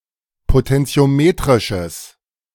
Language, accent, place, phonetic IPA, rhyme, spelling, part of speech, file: German, Germany, Berlin, [potɛnt͡si̯oˈmeːtʁɪʃəs], -eːtʁɪʃəs, potentiometrisches, adjective, De-potentiometrisches.ogg
- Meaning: strong/mixed nominative/accusative neuter singular of potentiometrisch